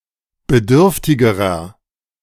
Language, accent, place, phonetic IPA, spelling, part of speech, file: German, Germany, Berlin, [bəˈdʏʁftɪɡəʁɐ], bedürftigerer, adjective, De-bedürftigerer.ogg
- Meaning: inflection of bedürftig: 1. strong/mixed nominative masculine singular comparative degree 2. strong genitive/dative feminine singular comparative degree 3. strong genitive plural comparative degree